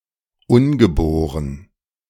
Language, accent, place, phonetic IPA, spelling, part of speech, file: German, Germany, Berlin, [ˈʊnɡəˌboːʁən], ungeboren, adjective, De-ungeboren.ogg
- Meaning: unborn